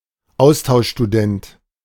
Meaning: exchange student
- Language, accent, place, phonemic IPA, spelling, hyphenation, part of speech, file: German, Germany, Berlin, /ˈaʊ̯staʊ̯ʃʃtuˌdɛnt/, Austauschstudent, Aus‧tausch‧stu‧dent, noun, De-Austauschstudent.ogg